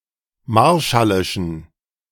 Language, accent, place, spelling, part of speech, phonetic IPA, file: German, Germany, Berlin, marshallischen, adjective, [ˈmaʁʃalɪʃn̩], De-marshallischen.ogg
- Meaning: inflection of marshallisch: 1. strong genitive masculine/neuter singular 2. weak/mixed genitive/dative all-gender singular 3. strong/weak/mixed accusative masculine singular 4. strong dative plural